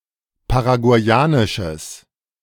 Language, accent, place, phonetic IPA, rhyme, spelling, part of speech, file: German, Germany, Berlin, [paʁaɡu̯aɪ̯ˈaːnɪʃəs], -aːnɪʃəs, paraguayanisches, adjective, De-paraguayanisches.ogg
- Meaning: strong/mixed nominative/accusative neuter singular of paraguayanisch